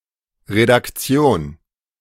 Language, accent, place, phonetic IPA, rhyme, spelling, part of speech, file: German, Germany, Berlin, [ʁedakˈt͡si̯oːn], -oːn, Redaktion, noun, De-Redaktion.ogg
- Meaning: 1. editing 2. editorial staff (press, TV etc) 3. newsroom, editorial office